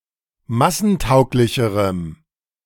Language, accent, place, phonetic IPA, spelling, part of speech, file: German, Germany, Berlin, [ˈmasn̩ˌtaʊ̯klɪçəʁəm], massentauglicherem, adjective, De-massentauglicherem.ogg
- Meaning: strong dative masculine/neuter singular comparative degree of massentauglich